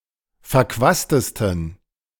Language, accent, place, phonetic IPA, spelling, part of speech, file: German, Germany, Berlin, [fɛɐ̯ˈkvaːstəstn̩], verquastesten, adjective, De-verquastesten.ogg
- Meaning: 1. superlative degree of verquast 2. inflection of verquast: strong genitive masculine/neuter singular superlative degree